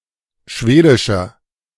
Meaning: inflection of schwedisch: 1. strong/mixed nominative masculine singular 2. strong genitive/dative feminine singular 3. strong genitive plural
- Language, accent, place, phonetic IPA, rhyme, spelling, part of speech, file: German, Germany, Berlin, [ˈʃveːdɪʃɐ], -eːdɪʃɐ, schwedischer, adjective, De-schwedischer.ogg